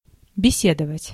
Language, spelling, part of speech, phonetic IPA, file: Russian, беседовать, verb, [bʲɪˈsʲedəvətʲ], Ru-беседовать.ogg
- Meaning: to converse, to talk